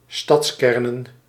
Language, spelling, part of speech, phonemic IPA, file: Dutch, stadskernen, noun, /ˈstɑtskɛrnə(n)/, Nl-stadskernen.ogg
- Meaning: plural of stadskern